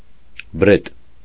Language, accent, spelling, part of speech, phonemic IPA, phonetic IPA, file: Armenian, Eastern Armenian, բրետ, noun, /bəˈɾet/, [bəɾét], Hy-բրետ.ogg
- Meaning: bumblebee, Bombus